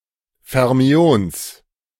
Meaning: genitive singular of Fermion
- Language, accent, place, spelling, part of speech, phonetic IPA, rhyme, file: German, Germany, Berlin, Fermions, noun, [fɛʁˈmi̯oːns], -oːns, De-Fermions.ogg